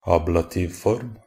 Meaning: an inflection of a word in the ablative case
- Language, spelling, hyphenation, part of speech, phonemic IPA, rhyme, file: Norwegian Bokmål, ablativform, ab‧la‧tiv‧form, noun, /ˈɑːblatiːʋfɔrm/, -ɔrm, Nb-ablativform.ogg